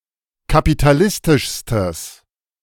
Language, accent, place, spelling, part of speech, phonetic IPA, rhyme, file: German, Germany, Berlin, kapitalistischstes, adjective, [kapitaˈlɪstɪʃstəs], -ɪstɪʃstəs, De-kapitalistischstes.ogg
- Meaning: strong/mixed nominative/accusative neuter singular superlative degree of kapitalistisch